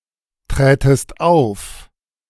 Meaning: second-person singular subjunctive II of auftreten
- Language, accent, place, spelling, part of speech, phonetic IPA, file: German, Germany, Berlin, trätest auf, verb, [ˌtʁɛːtəst ˈaʊ̯f], De-trätest auf.ogg